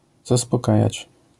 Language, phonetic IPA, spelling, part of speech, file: Polish, [ˌzaspɔˈkajät͡ɕ], zaspokajać, verb, LL-Q809 (pol)-zaspokajać.wav